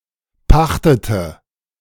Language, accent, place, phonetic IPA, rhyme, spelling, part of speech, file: German, Germany, Berlin, [ˈpaxtətə], -axtətə, pachtete, verb, De-pachtete.ogg
- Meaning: inflection of pachten: 1. first/third-person singular preterite 2. first/third-person singular subjunctive II